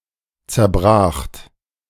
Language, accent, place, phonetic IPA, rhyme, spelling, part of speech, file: German, Germany, Berlin, [t͡sɛɐ̯ˈbʁaːxt], -aːxt, zerbracht, verb, De-zerbracht.ogg
- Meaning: second-person plural preterite of zerbrechen